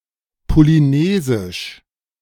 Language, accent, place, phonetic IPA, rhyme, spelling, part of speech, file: German, Germany, Berlin, [poliˈneːzɪʃ], -eːzɪʃ, polynesisch, adjective, De-polynesisch.ogg
- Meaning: Polynesian